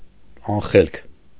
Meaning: 1. unintelligent, stupid 2. senseless, mindless
- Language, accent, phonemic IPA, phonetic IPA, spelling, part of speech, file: Armenian, Eastern Armenian, /ɑnˈχelkʰ/, [ɑnχélkʰ], անխելք, adjective, Hy-անխելք.ogg